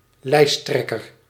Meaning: the top candidate of a political party on a party list. Usually functions as the party's de facto leader
- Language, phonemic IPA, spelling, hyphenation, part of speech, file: Dutch, /ˈlɛi̯sˌtrɛ.kər/, lijsttrekker, lijst‧trek‧ker, noun, Nl-lijsttrekker.ogg